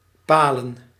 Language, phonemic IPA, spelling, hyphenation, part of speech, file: Dutch, /ˈpaː.lə(n)/, palen, pa‧len, verb / noun, Nl-palen.ogg
- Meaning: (verb) 1. to mark or enclose with posts 2. to border 3. to bang, to fuck 4. to execute by piercing on a stake, to impale; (noun) plural of paal